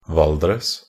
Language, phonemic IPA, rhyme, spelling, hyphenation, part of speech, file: Norwegian Bokmål, /ˈʋaldrəs/, -əs, Valdres, Val‧dres, proper noun, Nb-valdres.ogg
- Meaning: Valdres (a traditional district of Innlandet, Eastern Norway, Norway)